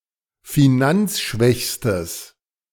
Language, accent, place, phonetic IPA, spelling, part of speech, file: German, Germany, Berlin, [fiˈnant͡sˌʃvɛçstəs], finanzschwächstes, adjective, De-finanzschwächstes.ogg
- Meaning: strong/mixed nominative/accusative neuter singular superlative degree of finanzschwach